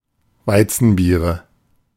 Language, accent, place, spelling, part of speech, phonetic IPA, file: German, Germany, Berlin, Weizenbiere, noun, [ˈvaɪ̯t͡sn̩ˌbiːʁə], De-Weizenbiere.ogg
- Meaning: nominative/accusative/genitive plural of Weizenbier